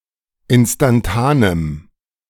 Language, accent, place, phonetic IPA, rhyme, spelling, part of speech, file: German, Germany, Berlin, [ˌɪnstanˈtaːnəm], -aːnəm, instantanem, adjective, De-instantanem.ogg
- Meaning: strong dative masculine/neuter singular of instantan